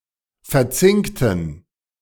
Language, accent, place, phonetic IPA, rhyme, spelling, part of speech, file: German, Germany, Berlin, [fɛɐ̯ˈt͡sɪŋktn̩], -ɪŋktn̩, verzinkten, adjective / verb, De-verzinkten.ogg
- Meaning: inflection of verzinkt: 1. strong genitive masculine/neuter singular 2. weak/mixed genitive/dative all-gender singular 3. strong/weak/mixed accusative masculine singular 4. strong dative plural